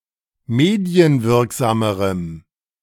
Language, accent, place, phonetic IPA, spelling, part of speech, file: German, Germany, Berlin, [ˈmeːdi̯ənˌvɪʁkzaːməʁəm], medienwirksamerem, adjective, De-medienwirksamerem.ogg
- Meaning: strong dative masculine/neuter singular comparative degree of medienwirksam